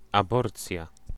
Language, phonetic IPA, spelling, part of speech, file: Polish, [aˈbɔrt͡sʲja], aborcja, noun, Pl-aborcja.ogg